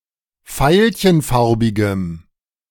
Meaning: strong dative masculine/neuter singular of veilchenfarbig
- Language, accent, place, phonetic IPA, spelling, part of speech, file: German, Germany, Berlin, [ˈfaɪ̯lçənˌfaʁbɪɡəm], veilchenfarbigem, adjective, De-veilchenfarbigem.ogg